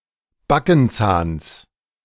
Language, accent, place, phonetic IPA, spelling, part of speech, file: German, Germany, Berlin, [ˈbakn̩ˌt͡saːns], Backenzahns, noun, De-Backenzahns.ogg
- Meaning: genitive singular of Backenzahn